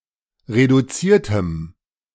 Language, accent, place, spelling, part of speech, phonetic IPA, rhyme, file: German, Germany, Berlin, reduziertem, adjective, [ʁeduˈt͡siːɐ̯təm], -iːɐ̯təm, De-reduziertem.ogg
- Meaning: strong dative masculine/neuter singular of reduziert